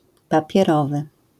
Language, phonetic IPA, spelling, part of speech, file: Polish, [ˌpapʲjɛˈrɔvɨ], papierowy, adjective, LL-Q809 (pol)-papierowy.wav